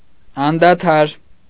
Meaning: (adjective) incessant, continual, unceasing, unremitting; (adverb) incessantly, continually
- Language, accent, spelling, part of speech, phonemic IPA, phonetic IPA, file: Armenian, Eastern Armenian, անդադար, adjective / adverb, /ɑndɑˈtʰɑɾ/, [ɑndɑtʰɑ́ɾ], Hy-անդադար.ogg